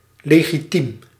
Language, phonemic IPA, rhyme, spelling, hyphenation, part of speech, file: Dutch, /ˌleː.ɣiˈtim/, -im, legitiem, le‧gi‧tiem, adjective, Nl-legitiem.ogg
- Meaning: legitimate